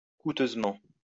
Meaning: expensively, in a costly way
- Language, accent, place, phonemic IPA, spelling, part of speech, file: French, France, Lyon, /ku.tøz.mɑ̃/, coûteusement, adverb, LL-Q150 (fra)-coûteusement.wav